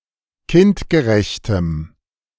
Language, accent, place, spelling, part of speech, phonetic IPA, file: German, Germany, Berlin, kindgerechtem, adjective, [ˈkɪntɡəˌʁɛçtəm], De-kindgerechtem.ogg
- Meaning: strong dative masculine/neuter singular of kindgerecht